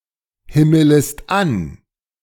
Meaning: second-person singular subjunctive I of anhimmeln
- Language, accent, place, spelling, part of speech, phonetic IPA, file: German, Germany, Berlin, himmelest an, verb, [ˌhɪmələst ˈan], De-himmelest an.ogg